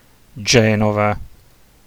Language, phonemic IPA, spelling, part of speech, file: Italian, /ˈd͡ʒɛnova/, Genova, proper noun, It-Genova.ogg